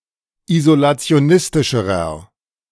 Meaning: inflection of isolationistisch: 1. strong/mixed nominative masculine singular comparative degree 2. strong genitive/dative feminine singular comparative degree
- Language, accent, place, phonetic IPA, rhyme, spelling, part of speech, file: German, Germany, Berlin, [izolat͡si̯oˈnɪstɪʃəʁɐ], -ɪstɪʃəʁɐ, isolationistischerer, adjective, De-isolationistischerer.ogg